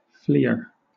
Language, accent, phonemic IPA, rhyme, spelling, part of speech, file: English, Southern England, /ˈfliːə(ɹ)/, -iːə(ɹ), fleer, noun, LL-Q1860 (eng)-fleer.wav
- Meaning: One who flees